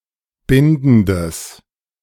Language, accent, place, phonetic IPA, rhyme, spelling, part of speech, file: German, Germany, Berlin, [ˈbɪndn̩dəs], -ɪndn̩dəs, bindendes, adjective, De-bindendes.ogg
- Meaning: strong/mixed nominative/accusative neuter singular of bindend